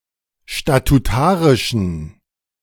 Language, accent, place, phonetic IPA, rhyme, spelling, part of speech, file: German, Germany, Berlin, [ʃtatuˈtaːʁɪʃn̩], -aːʁɪʃn̩, statutarischen, adjective, De-statutarischen.ogg
- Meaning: inflection of statutarisch: 1. strong genitive masculine/neuter singular 2. weak/mixed genitive/dative all-gender singular 3. strong/weak/mixed accusative masculine singular 4. strong dative plural